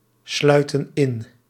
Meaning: inflection of insluiten: 1. plural present indicative 2. plural present subjunctive
- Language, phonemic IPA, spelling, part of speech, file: Dutch, /ˈslœytə(n) ˈɪn/, sluiten in, verb, Nl-sluiten in.ogg